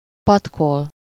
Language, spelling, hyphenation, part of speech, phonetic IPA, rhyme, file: Hungarian, patkol, pat‧kol, verb, [ˈpɒtkol], -ol, Hu-patkol.ogg
- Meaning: to shoe (to put horseshoes on a horse)